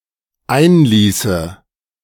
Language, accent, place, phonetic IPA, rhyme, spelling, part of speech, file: German, Germany, Berlin, [ˈaɪ̯nˌliːsə], -aɪ̯nliːsə, einließe, verb, De-einließe.ogg
- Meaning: first/third-person singular dependent subjunctive II of einlassen